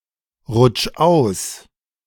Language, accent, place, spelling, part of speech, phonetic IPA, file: German, Germany, Berlin, rutsch aus, verb, [ˌʁʊt͡ʃ ˈaʊ̯s], De-rutsch aus.ogg
- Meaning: 1. singular imperative of ausrutschen 2. first-person singular present of ausrutschen